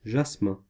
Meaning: jasmine
- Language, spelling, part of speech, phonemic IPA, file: French, jasmin, noun, /ʒas.mɛ̃/, Fr-jasmin.ogg